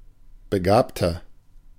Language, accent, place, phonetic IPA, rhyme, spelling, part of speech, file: German, Germany, Berlin, [bəˈɡaːptɐ], -aːptɐ, begabter, adjective, De-begabter.ogg
- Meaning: 1. comparative degree of begabt 2. inflection of begabt: strong/mixed nominative masculine singular 3. inflection of begabt: strong genitive/dative feminine singular